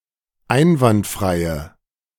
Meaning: inflection of einwandfrei: 1. strong/mixed nominative/accusative feminine singular 2. strong nominative/accusative plural 3. weak nominative all-gender singular
- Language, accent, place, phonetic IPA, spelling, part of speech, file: German, Germany, Berlin, [ˈaɪ̯nvantˌfʁaɪ̯ə], einwandfreie, adjective, De-einwandfreie.ogg